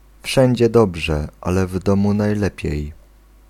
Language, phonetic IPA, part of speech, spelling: Polish, [ˈfʃɛ̃ɲd͡ʑɛ ˈdɔbʒɛ ˈalɛ ˈv‿dɔ̃mu najˈlɛpʲjɛ̇j], proverb, wszędzie dobrze, ale w domu najlepiej